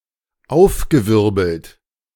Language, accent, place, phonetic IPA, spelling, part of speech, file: German, Germany, Berlin, [ˈaʊ̯fɡəˌvɪʁbl̩t], aufgewirbelt, verb, De-aufgewirbelt.ogg
- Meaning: past participle of aufwirbeln - agitated, awhirl